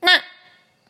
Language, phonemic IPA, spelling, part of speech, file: Mon, /naʔ/, ဏ, character, Mnw-ဏ.oga
- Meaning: Ṇna, the fifteen consonant of the Mon alphabet